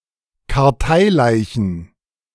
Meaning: plural of Karteileiche
- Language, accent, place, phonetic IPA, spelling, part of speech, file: German, Germany, Berlin, [kaʁˈtaɪ̯ˌlaɪ̯çn̩], Karteileichen, noun, De-Karteileichen.ogg